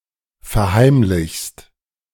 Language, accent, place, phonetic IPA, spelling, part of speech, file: German, Germany, Berlin, [fɛɐ̯ˈhaɪ̯mlɪçst], verheimlichst, verb, De-verheimlichst.ogg
- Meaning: second-person singular present of verheimlichen